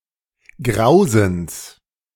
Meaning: genitive singular of Grausen
- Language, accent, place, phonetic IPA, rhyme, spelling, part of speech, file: German, Germany, Berlin, [ˈɡʁaʊ̯zn̩s], -aʊ̯zn̩s, Grausens, noun, De-Grausens.ogg